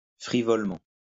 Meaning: vainly; conceitedly
- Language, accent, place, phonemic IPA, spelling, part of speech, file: French, France, Lyon, /fʁi.vɔl.mɑ̃/, frivolement, adverb, LL-Q150 (fra)-frivolement.wav